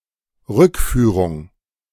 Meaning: repatriation
- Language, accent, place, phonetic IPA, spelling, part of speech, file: German, Germany, Berlin, [ˈʁʏkˌfyːʁʊŋ], Rückführung, noun, De-Rückführung.ogg